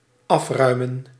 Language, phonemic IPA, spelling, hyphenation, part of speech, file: Dutch, /ˈɑfrœy̯mə(n)/, afruimen, af‧rui‧men, verb, Nl-afruimen.ogg
- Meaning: to clear, to undeck (a surface of objects, such as a table of dishes)